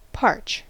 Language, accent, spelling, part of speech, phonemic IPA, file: English, US, parch, verb / noun, /pɑɹt͡ʃ/, En-us-parch.ogg
- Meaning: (verb) 1. To burn the surface of, to scorch 2. To roast, as dry grain 3. To dry to extremity; to shrivel with heat 4. To be very thirsty